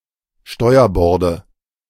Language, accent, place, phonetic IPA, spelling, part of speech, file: German, Germany, Berlin, [ˈʃtɔɪ̯ɐˌbɔʁdə], Steuerborde, noun, De-Steuerborde.ogg
- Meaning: nominative/accusative/genitive plural of Steuerbord